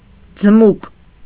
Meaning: 1. a polecat-like animal, which is white in winter and dark in summer 2. a long colored mouse
- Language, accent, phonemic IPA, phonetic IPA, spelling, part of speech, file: Armenian, Eastern Armenian, /d͡zəˈmuk/, [d͡zəmúk], ձմուկ, noun, Hy-ձմուկ.ogg